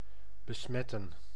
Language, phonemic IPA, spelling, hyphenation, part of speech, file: Dutch, /bəˈsmɛtə(n)/, besmetten, be‧smet‧ten, verb, Nl-besmetten.ogg
- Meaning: to infect (with a disease), to contaminate